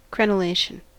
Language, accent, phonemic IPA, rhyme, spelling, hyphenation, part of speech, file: English, General American, /ˌkɹɛnəˈleɪʃən/, -eɪʃən, crenellation, cre‧nel‧lat‧ion, noun, En-us-crenellation.ogg